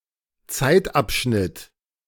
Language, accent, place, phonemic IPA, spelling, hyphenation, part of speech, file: German, Germany, Berlin, /ˈtsaɪ̯tˌapʃnɪt/, Zeitabschnitt, Zeit‧ab‧schnitt, noun, De-Zeitabschnitt.ogg
- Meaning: interval of time